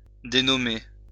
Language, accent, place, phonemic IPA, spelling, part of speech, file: French, France, Lyon, /de.nɔ.me/, dénommer, verb, LL-Q150 (fra)-dénommer.wav
- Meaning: to name